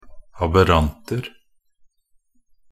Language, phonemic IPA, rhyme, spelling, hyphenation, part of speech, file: Norwegian Bokmål, /abəˈrantər/, -ər, aberranter, ab‧err‧ant‧er, noun, Nb-aberranter.ogg
- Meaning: indefinite plural of aberrant